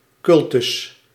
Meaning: 1. cult, a particular tradition of worship or veneration of deities, ancestors, guardians or saints 2. religious service
- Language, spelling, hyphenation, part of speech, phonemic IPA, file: Dutch, cultus, cul‧tus, noun, /ˈkʏl.tʏs/, Nl-cultus.ogg